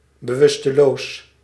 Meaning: unconscious (not awake and unaware of one's surroundings)
- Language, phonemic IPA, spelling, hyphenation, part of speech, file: Dutch, /bəˈʋʏs.təˌloːs/, bewusteloos, be‧wus‧te‧loos, adjective, Nl-bewusteloos.ogg